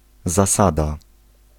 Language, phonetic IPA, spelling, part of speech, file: Polish, [zaˈsada], zasada, noun, Pl-zasada.ogg